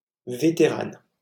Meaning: female equivalent of vétéran
- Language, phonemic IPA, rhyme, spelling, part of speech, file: French, /ve.te.ʁan/, -an, vétérane, noun, LL-Q150 (fra)-vétérane.wav